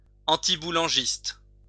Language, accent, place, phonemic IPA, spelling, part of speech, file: French, France, Lyon, /ɑ̃.ti.bu.lɑ̃.ʒist/, antiboulangiste, adjective, LL-Q150 (fra)-antiboulangiste.wav
- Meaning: anti-Boulangist